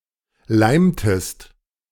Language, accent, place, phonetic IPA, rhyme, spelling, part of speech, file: German, Germany, Berlin, [ˈlaɪ̯mtəst], -aɪ̯mtəst, leimtest, verb, De-leimtest.ogg
- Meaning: inflection of leimen: 1. second-person singular preterite 2. second-person singular subjunctive II